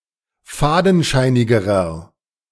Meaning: inflection of fadenscheinig: 1. strong/mixed nominative masculine singular comparative degree 2. strong genitive/dative feminine singular comparative degree
- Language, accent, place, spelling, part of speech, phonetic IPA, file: German, Germany, Berlin, fadenscheinigerer, adjective, [ˈfaːdn̩ˌʃaɪ̯nɪɡəʁɐ], De-fadenscheinigerer.ogg